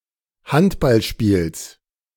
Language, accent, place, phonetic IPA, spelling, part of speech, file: German, Germany, Berlin, [ˈhantbalˌʃpiːls], Handballspiels, noun, De-Handballspiels.ogg
- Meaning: genitive of Handballspiel